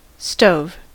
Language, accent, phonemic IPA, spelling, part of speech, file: English, US, /stoʊv/, stove, noun / verb, En-us-stove.ogg
- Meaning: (noun) 1. A heater, a closed apparatus to burn fuel for the warming of a room 2. A device for heating food, (UK) a cooker 3. A stovetop, with hotplates 4. A hothouse (heated greenhouse)